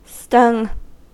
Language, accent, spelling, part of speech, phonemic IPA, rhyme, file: English, US, stung, verb, /stʌŋ/, -ʌŋ, En-us-stung.ogg
- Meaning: simple past and past participle of sting